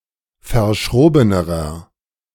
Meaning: inflection of verschroben: 1. strong/mixed nominative masculine singular comparative degree 2. strong genitive/dative feminine singular comparative degree 3. strong genitive plural comparative degree
- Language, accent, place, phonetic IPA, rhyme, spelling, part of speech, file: German, Germany, Berlin, [fɐˈʃʁoːbənəʁɐ], -oːbənəʁɐ, verschrobenerer, adjective, De-verschrobenerer.ogg